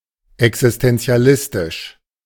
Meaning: alternative form of existenzialistisch
- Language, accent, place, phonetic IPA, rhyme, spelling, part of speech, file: German, Germany, Berlin, [ɛksɪstɛnt͡si̯aˈlɪstɪʃ], -ɪstɪʃ, existentialistisch, adjective, De-existentialistisch.ogg